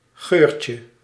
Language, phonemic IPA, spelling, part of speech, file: Dutch, /ˈɣørcə/, geurtje, noun, Nl-geurtje.ogg
- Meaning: diminutive of geur